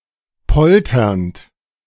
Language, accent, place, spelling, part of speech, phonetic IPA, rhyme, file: German, Germany, Berlin, polternd, verb, [ˈpɔltɐnt], -ɔltɐnt, De-polternd.ogg
- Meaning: present participle of poltern